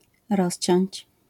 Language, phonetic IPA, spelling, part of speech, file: Polish, [ˈrɔɕt͡ɕɔ̇̃ɲt͡ɕ], rozciąć, verb, LL-Q809 (pol)-rozciąć.wav